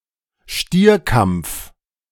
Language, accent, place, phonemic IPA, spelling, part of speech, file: German, Germany, Berlin, /ˈʃtiːɐ̯kampf/, Stierkampf, noun, De-Stierkampf.ogg
- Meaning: bullfight, bullfighting